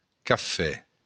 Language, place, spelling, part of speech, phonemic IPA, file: Occitan, Béarn, cafè, noun, /kaˈfɛ/, LL-Q14185 (oci)-cafè.wav
- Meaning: 1. coffee (beverage) 2. café (establishment)